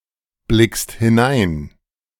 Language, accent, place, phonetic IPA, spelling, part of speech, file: German, Germany, Berlin, [ˌblɪkst hɪˈnaɪ̯n], blickst hinein, verb, De-blickst hinein.ogg
- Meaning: second-person singular present of hineinblicken